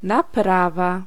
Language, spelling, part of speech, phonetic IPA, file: Polish, naprawa, noun, [naˈprava], Pl-naprawa.ogg